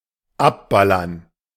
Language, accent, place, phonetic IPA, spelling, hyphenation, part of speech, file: German, Germany, Berlin, [ˈapˌbalɐn], abballern, ab‧bal‧lern, verb, De-abballern.ogg
- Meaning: to shoot dead